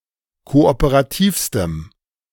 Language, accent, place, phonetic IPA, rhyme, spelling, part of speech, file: German, Germany, Berlin, [ˌkoʔopəʁaˈtiːfstəm], -iːfstəm, kooperativstem, adjective, De-kooperativstem.ogg
- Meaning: strong dative masculine/neuter singular superlative degree of kooperativ